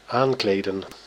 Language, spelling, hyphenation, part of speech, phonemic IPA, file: Dutch, aankleden, aan‧kle‧den, verb, /ˈaːŋkleːdə(n)/, Nl-aankleden.ogg
- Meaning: 1. to dress, put clothing on someone or something 2. to get dressed, put clothes on oneself 3. to furnish with textile, furniture, decorations etc